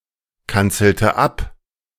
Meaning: inflection of abkanzeln: 1. first/third-person singular preterite 2. first/third-person singular subjunctive II
- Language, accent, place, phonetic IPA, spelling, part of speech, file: German, Germany, Berlin, [ˌkant͡sl̩tə ˈap], kanzelte ab, verb, De-kanzelte ab.ogg